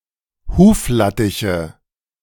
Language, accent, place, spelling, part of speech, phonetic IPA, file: German, Germany, Berlin, Huflattiche, noun, [ˈhuːfˌlatɪçə], De-Huflattiche.ogg
- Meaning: nominative/accusative/genitive plural of Huflattich